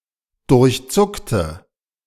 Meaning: inflection of durchzucken: 1. first/third-person singular preterite 2. first/third-person singular subjunctive II
- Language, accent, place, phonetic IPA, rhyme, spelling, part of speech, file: German, Germany, Berlin, [dʊʁçˈt͡sʊktə], -ʊktə, durchzuckte, adjective / verb, De-durchzuckte.ogg